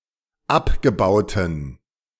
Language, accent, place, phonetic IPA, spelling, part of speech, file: German, Germany, Berlin, [ˈapɡəˌbaʊ̯tn̩], abgebauten, adjective, De-abgebauten.ogg
- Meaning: inflection of abgebaut: 1. strong genitive masculine/neuter singular 2. weak/mixed genitive/dative all-gender singular 3. strong/weak/mixed accusative masculine singular 4. strong dative plural